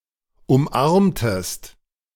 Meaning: inflection of umarmen: 1. second-person singular preterite 2. second-person singular subjunctive II
- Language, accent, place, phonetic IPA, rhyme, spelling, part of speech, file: German, Germany, Berlin, [ʊmˈʔaʁmtəst], -aʁmtəst, umarmtest, verb, De-umarmtest.ogg